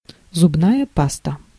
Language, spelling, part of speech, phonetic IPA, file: Russian, зубная паста, noun, [zʊbˈnajə ˈpastə], Ru-зубная паста.ogg
- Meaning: toothpaste